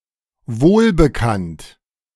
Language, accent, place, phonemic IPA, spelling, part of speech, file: German, Germany, Berlin, /ˈvoːlbəˌkant/, wohlbekannt, adjective, De-wohlbekannt.ogg
- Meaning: well-known